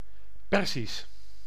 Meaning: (adjective) 1. Persian, Iranian, relating to Persia, its people and culture; mainly used for the periods before the Islamic Republic 2. in or relating to the Persian language(s)
- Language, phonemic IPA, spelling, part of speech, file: Dutch, /ˈpɛrzis/, Perzisch, proper noun / adjective, Nl-Perzisch.ogg